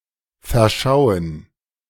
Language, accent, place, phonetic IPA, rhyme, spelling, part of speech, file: German, Germany, Berlin, [fɛɐ̯ˈʃaʊ̯ən], -aʊ̯ən, verschauen, verb, De-verschauen.ogg
- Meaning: 1. to fall in love 2. to err, to make a mistake (by perceiving something wrong)